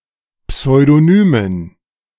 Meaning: dative plural of Pseudonym
- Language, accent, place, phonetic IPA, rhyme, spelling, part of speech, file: German, Germany, Berlin, [psɔɪ̯doˈnyːmən], -yːmən, Pseudonymen, noun, De-Pseudonymen.ogg